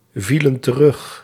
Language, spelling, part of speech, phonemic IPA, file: Dutch, vielen terug, verb, /ˈvilə(n) t(ə)ˈrʏx/, Nl-vielen terug.ogg
- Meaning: inflection of terugvallen: 1. plural past indicative 2. plural past subjunctive